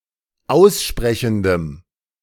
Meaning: strong dative masculine/neuter singular of aussprechend
- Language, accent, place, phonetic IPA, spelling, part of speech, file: German, Germany, Berlin, [ˈaʊ̯sˌʃpʁɛçn̩dəm], aussprechendem, adjective, De-aussprechendem.ogg